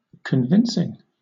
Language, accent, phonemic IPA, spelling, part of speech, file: English, Southern England, /kənˈvɪnsɪŋ/, convincing, adjective / verb / noun, LL-Q1860 (eng)-convincing.wav
- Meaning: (adjective) Effective as proof or evidence; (verb) present participle and gerund of convince; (noun) The process by which somebody is convinced